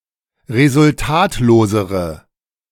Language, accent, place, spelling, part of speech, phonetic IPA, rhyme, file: German, Germany, Berlin, resultatlosere, adjective, [ʁezʊlˈtaːtloːzəʁə], -aːtloːzəʁə, De-resultatlosere.ogg
- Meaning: inflection of resultatlos: 1. strong/mixed nominative/accusative feminine singular comparative degree 2. strong nominative/accusative plural comparative degree